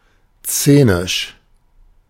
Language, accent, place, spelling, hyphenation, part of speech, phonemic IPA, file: German, Germany, Berlin, szenisch, sze‧nisch, adjective, /ˈst͡seːnɪʃ/, De-szenisch.ogg
- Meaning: scenic